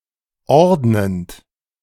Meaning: present participle of ordnen
- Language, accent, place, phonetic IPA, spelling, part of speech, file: German, Germany, Berlin, [ˈɔʁdnənt], ordnend, verb, De-ordnend.ogg